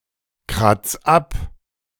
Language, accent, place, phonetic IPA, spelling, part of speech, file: German, Germany, Berlin, [ˌkʁat͡s ˈap], kratz ab, verb, De-kratz ab.ogg
- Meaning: 1. singular imperative of abkratzen 2. first-person singular present of abkratzen